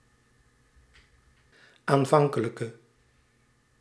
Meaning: inflection of aanvankelijk: 1. masculine/feminine singular attributive 2. definite neuter singular attributive 3. plural attributive
- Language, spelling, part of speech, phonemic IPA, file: Dutch, aanvankelijke, adjective, /aɱˈvɑŋkələkə/, Nl-aanvankelijke.ogg